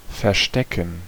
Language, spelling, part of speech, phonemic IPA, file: German, verstecken, verb, /fɛɐ̯ˈʃtɛkən/, De-verstecken.ogg
- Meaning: 1. to conceal 2. to hide (oneself)